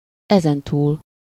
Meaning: from now on
- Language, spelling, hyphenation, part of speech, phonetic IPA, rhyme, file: Hungarian, ezentúl, ezen‧túl, adverb, [ˈɛzɛntuːl], -uːl, Hu-ezentúl.ogg